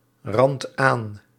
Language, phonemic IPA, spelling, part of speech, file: Dutch, /ˈrɑnt ˈan/, randt aan, verb, Nl-randt aan.ogg
- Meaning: inflection of aanranden: 1. second/third-person singular present indicative 2. plural imperative